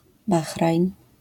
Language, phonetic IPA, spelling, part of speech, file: Polish, [ˈbaxrajn], Bahrajn, proper noun, LL-Q809 (pol)-Bahrajn.wav